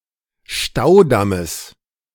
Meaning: genitive singular of Staudamm
- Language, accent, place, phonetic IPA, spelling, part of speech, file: German, Germany, Berlin, [ˈʃtaʊ̯ˌdaməs], Staudammes, noun, De-Staudammes.ogg